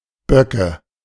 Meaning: nominative/accusative/genitive plural of Bock
- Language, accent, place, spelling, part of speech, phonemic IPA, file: German, Germany, Berlin, Böcke, noun, /ˈbœkə/, De-Böcke.ogg